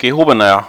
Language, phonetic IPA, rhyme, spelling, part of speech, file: German, [ɡəˈhoːbənɐ], -oːbənɐ, gehobener, adjective, De-gehobener.ogg
- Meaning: 1. comparative degree of gehoben 2. inflection of gehoben: strong/mixed nominative masculine singular 3. inflection of gehoben: strong genitive/dative feminine singular